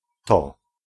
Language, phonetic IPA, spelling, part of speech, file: Polish, [tɔ], to, pronoun / particle / conjunction / verb, Pl-to.ogg